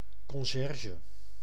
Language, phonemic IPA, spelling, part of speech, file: Dutch, /kɔnˈʒɛr.ʒə/, conciërge, noun, Nl-conciërge.ogg
- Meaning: concierge, janitor (one who attends to the maintenance of a building and provides services to its tenants and guests)